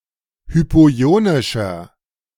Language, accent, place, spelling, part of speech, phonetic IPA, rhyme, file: German, Germany, Berlin, hypoionischer, adjective, [ˌhypoˈi̯oːnɪʃɐ], -oːnɪʃɐ, De-hypoionischer.ogg
- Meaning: inflection of hypoionisch: 1. strong/mixed nominative masculine singular 2. strong genitive/dative feminine singular 3. strong genitive plural